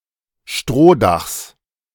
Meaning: genitive singular of Strohdach
- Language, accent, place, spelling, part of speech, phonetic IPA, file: German, Germany, Berlin, Strohdachs, noun, [ˈʃtʁoːˌdaxs], De-Strohdachs.ogg